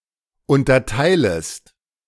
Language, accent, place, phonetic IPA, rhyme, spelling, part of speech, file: German, Germany, Berlin, [ˌʊntɐˈtaɪ̯ləst], -aɪ̯ləst, unterteilest, verb, De-unterteilest.ogg
- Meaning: second-person singular subjunctive I of unterteilen